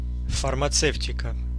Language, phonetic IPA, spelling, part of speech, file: Russian, [fərmɐˈt͡sɛftʲɪkə], фармацевтика, noun, Ru-фармацевтика.ogg
- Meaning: pharmaceutics